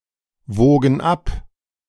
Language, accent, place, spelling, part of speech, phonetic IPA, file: German, Germany, Berlin, wogen ab, verb, [ˌvoːɡn̩ ˈap], De-wogen ab.ogg
- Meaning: first/third-person plural preterite of abwiegen